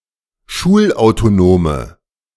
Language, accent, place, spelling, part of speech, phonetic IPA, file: German, Germany, Berlin, schulautonome, adjective, [ˈʃuːlʔaʊ̯toˌnoːmə], De-schulautonome.ogg
- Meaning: inflection of schulautonom: 1. strong/mixed nominative/accusative feminine singular 2. strong nominative/accusative plural 3. weak nominative all-gender singular